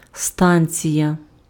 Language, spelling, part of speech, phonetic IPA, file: Ukrainian, станція, noun, [ˈstanʲt͡sʲijɐ], Uk-станція.ogg
- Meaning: station (e.g. in transportation, or as part of a supply network)